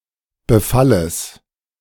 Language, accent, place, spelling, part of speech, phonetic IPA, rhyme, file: German, Germany, Berlin, Befalles, noun, [bəˈfaləs], -aləs, De-Befalles.ogg
- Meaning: genitive singular of Befall